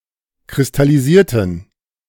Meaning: inflection of kristallisieren: 1. first/third-person plural preterite 2. first/third-person plural subjunctive II
- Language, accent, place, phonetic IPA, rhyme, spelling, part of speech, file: German, Germany, Berlin, [kʁɪstaliˈziːɐ̯tn̩], -iːɐ̯tn̩, kristallisierten, adjective / verb, De-kristallisierten.ogg